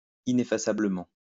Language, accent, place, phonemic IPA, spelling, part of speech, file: French, France, Lyon, /i.ne.fa.sa.blə.mɑ̃/, ineffaçablement, adverb, LL-Q150 (fra)-ineffaçablement.wav
- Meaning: undeletably